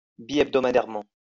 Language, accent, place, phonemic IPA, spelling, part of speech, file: French, France, Lyon, /bi.ɛb.dɔ.ma.dɛʁ.mɑ̃/, bihebdomadairement, adverb, LL-Q150 (fra)-bihebdomadairement.wav
- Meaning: 1. biweekly (twice a week) 2. fortnightly